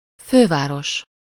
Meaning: capital (main city of a country)
- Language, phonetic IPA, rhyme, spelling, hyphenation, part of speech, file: Hungarian, [ˈføːvaːroʃ], -oʃ, főváros, fő‧vá‧ros, noun, Hu-főváros.ogg